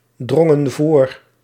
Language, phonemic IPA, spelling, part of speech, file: Dutch, /ˈdrɔŋə(n) ˈvor/, drongen voor, verb, Nl-drongen voor.ogg
- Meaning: inflection of voordringen: 1. plural past indicative 2. plural past subjunctive